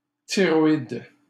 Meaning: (adjective) thyroid; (noun) thyroid gland, thyroid (large butterfly-shaped endocrine gland situated on the front of the neck that produces various hormones)
- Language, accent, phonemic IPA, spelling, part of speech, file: French, Canada, /ti.ʁɔ.id/, thyroïde, adjective / noun, LL-Q150 (fra)-thyroïde.wav